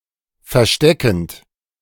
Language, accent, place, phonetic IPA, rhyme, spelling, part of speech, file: German, Germany, Berlin, [fɛɐ̯ˈʃtɛkn̩t], -ɛkn̩t, versteckend, verb, De-versteckend.ogg
- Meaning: present participle of verstecken